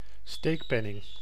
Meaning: a bribe, corrupt payment to buy an illegitimate favor (usually used in the plural form)
- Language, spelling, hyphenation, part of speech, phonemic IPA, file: Dutch, steekpenning, steek‧pen‧ning, noun, /ˈsteːkˌpɛ.nɪŋ/, Nl-steekpenning.ogg